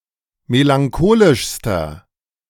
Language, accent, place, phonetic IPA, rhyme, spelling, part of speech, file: German, Germany, Berlin, [melaŋˈkoːlɪʃstɐ], -oːlɪʃstɐ, melancholischster, adjective, De-melancholischster.ogg
- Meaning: inflection of melancholisch: 1. strong/mixed nominative masculine singular superlative degree 2. strong genitive/dative feminine singular superlative degree